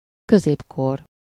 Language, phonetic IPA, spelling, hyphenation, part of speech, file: Hungarian, [ˈkøzeːpkor], középkor, kö‧zép‧kor, noun, Hu-középkor.ogg
- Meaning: Middle Ages (period of time)